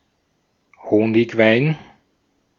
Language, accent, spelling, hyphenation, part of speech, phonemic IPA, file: German, Germany, Honigwein, Ho‧nig‧wein, noun, /ˈhoːnɪçˌvaɪ̯n/, De-at-Honigwein.ogg
- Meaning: mead